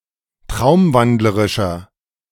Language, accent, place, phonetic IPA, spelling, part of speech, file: German, Germany, Berlin, [ˈtʁaʊ̯mˌvandləʁɪʃɐ], traumwandlerischer, adjective, De-traumwandlerischer.ogg
- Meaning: 1. comparative degree of traumwandlerisch 2. inflection of traumwandlerisch: strong/mixed nominative masculine singular 3. inflection of traumwandlerisch: strong genitive/dative feminine singular